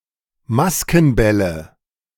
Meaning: nominative/accusative/genitive plural of Maskenball
- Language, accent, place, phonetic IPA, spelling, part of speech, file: German, Germany, Berlin, [ˈmaskn̩ˌbɛlə], Maskenbälle, noun, De-Maskenbälle.ogg